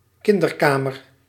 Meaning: nursery, baby room
- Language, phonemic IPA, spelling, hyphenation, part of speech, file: Dutch, /ˈkɪn.dərˌkaː.mər/, kinderkamer, kin‧der‧ka‧mer, noun, Nl-kinderkamer.ogg